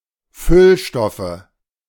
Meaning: nominative/accusative/genitive plural of Füllstoff
- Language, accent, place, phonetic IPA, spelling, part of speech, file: German, Germany, Berlin, [ˈfʏlˌʃtɔfə], Füllstoffe, noun, De-Füllstoffe.ogg